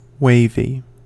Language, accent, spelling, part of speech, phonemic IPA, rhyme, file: English, US, wavy, adjective / noun, /ˈweɪvi/, -eɪvi, En-us-wavy.ogg
- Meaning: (adjective) 1. Rising or swelling in waves 2. Full of waves 3. Moving to and fro; undulating 4. Having wave-like shapes on its border or surface; waved